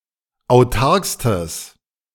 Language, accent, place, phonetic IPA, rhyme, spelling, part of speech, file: German, Germany, Berlin, [aʊ̯ˈtaʁkstəs], -aʁkstəs, autarkstes, adjective, De-autarkstes.ogg
- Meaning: strong/mixed nominative/accusative neuter singular superlative degree of autark